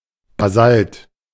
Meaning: basalt
- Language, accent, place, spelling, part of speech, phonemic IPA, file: German, Germany, Berlin, Basalt, noun, /baˈzalt/, De-Basalt.ogg